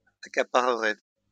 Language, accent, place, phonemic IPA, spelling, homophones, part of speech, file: French, France, Lyon, /a.ka.pa.ʁə.ʁɛ/, accapareraient, accaparerais / accaparerait, verb, LL-Q150 (fra)-accapareraient.wav
- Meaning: third-person plural conditional of accaparer